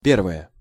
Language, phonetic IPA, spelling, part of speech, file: Russian, [ˈpʲervəjə], первое, noun / adjective, Ru-первое.ogg
- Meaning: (noun) 1. the first thing 2. ellipsis of пе́рвое блю́до (pérvoje bljúdo): starter (first course of a meal) 3. the first (in dates)